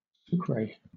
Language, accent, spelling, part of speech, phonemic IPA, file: English, Southern England, sucre, noun, /ˈsuːkɹeɪ/, LL-Q1860 (eng)-sucre.wav
- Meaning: The former currency of Ecuador, divided into 100 centavos